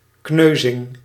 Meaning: a bruise, a physically hurt part of the body (notably skin) which has no open wound
- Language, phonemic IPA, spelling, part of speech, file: Dutch, /ˈknøzɪŋ/, kneuzing, noun, Nl-kneuzing.ogg